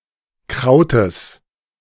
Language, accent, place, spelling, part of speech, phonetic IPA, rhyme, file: German, Germany, Berlin, Krautes, noun, [ˈkʁaʊ̯təs], -aʊ̯təs, De-Krautes.ogg
- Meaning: genitive singular of Kraut